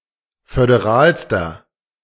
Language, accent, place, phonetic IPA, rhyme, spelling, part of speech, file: German, Germany, Berlin, [fødeˈʁaːlstɐ], -aːlstɐ, föderalster, adjective, De-föderalster.ogg
- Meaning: inflection of föderal: 1. strong/mixed nominative masculine singular superlative degree 2. strong genitive/dative feminine singular superlative degree 3. strong genitive plural superlative degree